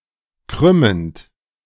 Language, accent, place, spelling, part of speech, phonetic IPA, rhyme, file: German, Germany, Berlin, krümmend, verb, [ˈkʁʏmənt], -ʏmənt, De-krümmend.ogg
- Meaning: present participle of krümmen